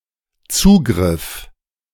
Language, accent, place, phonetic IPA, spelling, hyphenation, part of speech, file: German, Germany, Berlin, [ˈt͡suːɡʁɪf], Zugriff, Zu‧griff, noun, De-Zugriff.ogg
- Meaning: 1. access 2. grasp 3. raid, intervention